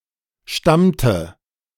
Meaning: inflection of stammen: 1. first/third-person singular preterite 2. first/third-person singular subjunctive II
- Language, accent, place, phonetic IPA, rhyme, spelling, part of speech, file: German, Germany, Berlin, [ˈʃtamtə], -amtə, stammte, verb, De-stammte.ogg